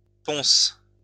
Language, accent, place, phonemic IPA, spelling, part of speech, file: French, France, Lyon, /pɔ̃s/, ponce, noun, LL-Q150 (fra)-ponce.wav
- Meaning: 1. pumice 2. hot alcoholic beverage made with gin or rum